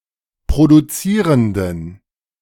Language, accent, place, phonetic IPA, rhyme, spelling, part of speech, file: German, Germany, Berlin, [pʁoduˈt͡siːʁəndn̩], -iːʁəndn̩, produzierenden, adjective, De-produzierenden.ogg
- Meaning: inflection of produzierend: 1. strong genitive masculine/neuter singular 2. weak/mixed genitive/dative all-gender singular 3. strong/weak/mixed accusative masculine singular 4. strong dative plural